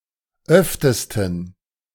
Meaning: superlative degree of oft
- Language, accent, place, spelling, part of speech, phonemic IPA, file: German, Germany, Berlin, öftesten, adverb, /ˈœftəstn̩/, De-öftesten.ogg